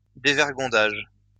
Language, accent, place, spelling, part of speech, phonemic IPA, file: French, France, Lyon, dévergondage, noun, /de.vɛʁ.ɡɔ̃.daʒ/, LL-Q150 (fra)-dévergondage.wav
- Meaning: 1. shamelessness 2. extravagance